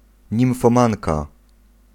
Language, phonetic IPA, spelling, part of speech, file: Polish, [ˌɲĩw̃fɔ̃ˈmãnka], nimfomanka, noun, Pl-nimfomanka.ogg